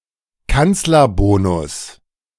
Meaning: 1. The alleged electoral advantage of the German federal majority party which holds the office of Bundeskanzler 2. The political equivalent in another democracy
- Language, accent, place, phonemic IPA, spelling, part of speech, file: German, Germany, Berlin, /ˈkant͡slɐˌboːnʊs/, Kanzlerbonus, noun, De-Kanzlerbonus.ogg